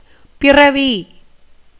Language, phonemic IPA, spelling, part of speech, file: Tamil, /pɪrɐʋiː/, பிறவி, noun / adjective, Ta-பிறவி.ogg
- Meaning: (noun) 1. birth, nativity 2. offspring, spawn 3. lifetime 4. transmigration, subjection of the soul to births 5. origin, production 6. natural disposition